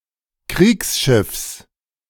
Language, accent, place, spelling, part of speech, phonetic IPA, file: German, Germany, Berlin, Kriegsschiffs, noun, [ˈkʁiːksˌʃɪfs], De-Kriegsschiffs.ogg
- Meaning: genitive singular of Kriegsschiff